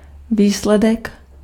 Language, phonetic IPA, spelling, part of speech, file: Czech, [ˈviːslɛdɛk], výsledek, noun, Cs-výsledek.ogg
- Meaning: 1. result 2. outcome